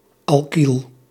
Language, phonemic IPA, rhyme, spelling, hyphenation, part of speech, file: Dutch, /ɑlˈkil/, -il, alkyl, al‧kyl, noun, Nl-alkyl.ogg
- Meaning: alkyl